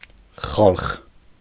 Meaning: 1. people 2. crowd, multitude (mixed crowd) 3. others, other people who are not relatives, strangers
- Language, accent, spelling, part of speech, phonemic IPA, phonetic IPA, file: Armenian, Eastern Armenian, խալխ, noun, /χɑlχ/, [χɑlχ], Hy-խալխ.ogg